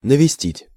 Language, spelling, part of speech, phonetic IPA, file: Russian, навестить, verb, [nəvʲɪˈsʲtʲitʲ], Ru-навестить.ogg
- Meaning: to visit, to call on, to come and see